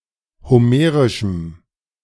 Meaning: strong dative masculine/neuter singular of homerisch
- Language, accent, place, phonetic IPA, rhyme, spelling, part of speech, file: German, Germany, Berlin, [hoˈmeːʁɪʃm̩], -eːʁɪʃm̩, homerischem, adjective, De-homerischem.ogg